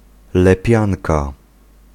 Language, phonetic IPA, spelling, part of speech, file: Polish, [lɛˈpʲjãnka], lepianka, noun, Pl-lepianka.ogg